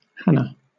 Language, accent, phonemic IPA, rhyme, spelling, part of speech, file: English, Southern England, /ˈhænə/, -ænə, Hannah, proper noun / noun, LL-Q1860 (eng)-Hannah.wav
- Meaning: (proper noun) 1. Mother of the prophet Samuel in the Old Testament 2. A female given name from Hebrew